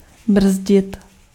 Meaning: to brake (a vehicle)
- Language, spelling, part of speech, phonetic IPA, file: Czech, brzdit, verb, [ˈbr̩zɟɪt], Cs-brzdit.ogg